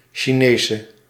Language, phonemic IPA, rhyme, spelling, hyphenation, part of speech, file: Dutch, /ʃiˈneː.sə/, -eːsə, Chinese, Chi‧ne‧se, noun / adjective, Nl-Chinese.ogg
- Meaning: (noun) woman from China; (adjective) inflection of Chinees: 1. masculine/feminine singular attributive 2. definite neuter singular attributive 3. plural attributive